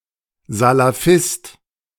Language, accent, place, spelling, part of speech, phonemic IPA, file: German, Germany, Berlin, Salafist, noun, /zalaˈfɪst/, De-Salafist.ogg
- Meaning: Salafi, Salafist